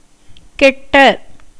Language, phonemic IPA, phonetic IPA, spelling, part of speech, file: Tamil, /kɛʈːɐ/, [ke̞ʈːɐ], கெட்ட, verb / adjective, Ta-கெட்ட.ogg
- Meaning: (verb) past adjectival participle of கெடு (keṭu); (adjective) 1. bad, harmful 2. spoiled, ruined 3. evil, bad 4. severe, extreme, intense (shows intensity in some meanings.)